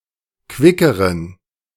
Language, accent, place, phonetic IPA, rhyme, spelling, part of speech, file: German, Germany, Berlin, [ˈkvɪkəʁən], -ɪkəʁən, quickeren, adjective, De-quickeren.ogg
- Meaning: inflection of quick: 1. strong genitive masculine/neuter singular comparative degree 2. weak/mixed genitive/dative all-gender singular comparative degree